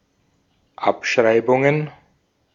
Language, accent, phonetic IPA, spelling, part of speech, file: German, Austria, [ˈapʃʁaɪ̯bʊŋən], Abschreibungen, noun, De-at-Abschreibungen.ogg
- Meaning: plural of Abschreibung